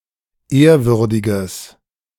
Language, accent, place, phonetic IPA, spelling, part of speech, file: German, Germany, Berlin, [ˈeːɐ̯ˌvʏʁdɪɡəs], ehrwürdiges, adjective, De-ehrwürdiges.ogg
- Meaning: strong/mixed nominative/accusative neuter singular of ehrwürdig